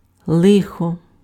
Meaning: 1. disaster, calamity 2. misfortune 3. trouble 4. evil
- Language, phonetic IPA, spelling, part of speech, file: Ukrainian, [ˈɫɪxɔ], лихо, noun, Uk-лихо.ogg